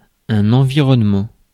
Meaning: 1. environment 2. nature
- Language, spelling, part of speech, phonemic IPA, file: French, environnement, noun, /ɑ̃.vi.ʁɔn.mɑ̃/, Fr-environnement.ogg